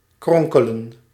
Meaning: to twist, to squirm
- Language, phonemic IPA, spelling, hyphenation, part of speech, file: Dutch, /ˈkrɔŋ.kə.lə(n)/, kronkelen, kron‧ke‧len, verb, Nl-kronkelen.ogg